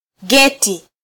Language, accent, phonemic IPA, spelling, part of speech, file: Swahili, Kenya, /ˈɠɛ.ti/, geti, noun, Sw-ke-geti.flac
- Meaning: gate